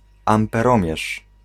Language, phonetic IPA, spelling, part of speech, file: Polish, [ˌãmpɛˈrɔ̃mʲjɛʃ], amperomierz, noun, Pl-amperomierz.ogg